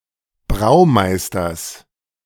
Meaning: genitive singular of Braumeister
- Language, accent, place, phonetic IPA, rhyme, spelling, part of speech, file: German, Germany, Berlin, [ˈbʁaʊ̯ˌmaɪ̯stɐs], -aʊ̯maɪ̯stɐs, Braumeisters, noun, De-Braumeisters.ogg